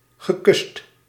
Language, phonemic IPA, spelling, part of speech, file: Dutch, /ɣəˈkʏst/, gekust, verb, Nl-gekust.ogg
- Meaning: past participle of kussen